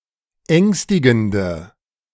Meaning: inflection of ängstigend: 1. strong/mixed nominative/accusative feminine singular 2. strong nominative/accusative plural 3. weak nominative all-gender singular
- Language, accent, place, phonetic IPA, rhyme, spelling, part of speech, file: German, Germany, Berlin, [ˈɛŋstɪɡn̩də], -ɛŋstɪɡn̩də, ängstigende, adjective, De-ängstigende.ogg